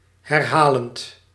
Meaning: present participle of herhalen
- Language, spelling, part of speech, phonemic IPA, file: Dutch, herhalend, verb, /hɛrˈhalənt/, Nl-herhalend.ogg